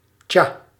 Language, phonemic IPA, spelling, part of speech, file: Dutch, /ca/, tja, interjection, Nl-tja.ogg
- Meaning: 1. Used to express thinking or pondering; hmm, yeah well 2. Used to express ambivalence or resignation 3. Used to express indifference